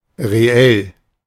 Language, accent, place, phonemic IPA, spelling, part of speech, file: German, Germany, Berlin, /ʁeˈɛl/, reell, adjective, De-reell.ogg
- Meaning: 1. decent, solid, fair (of a company or person) 2. real 3. the property of being an element of the set of real numbers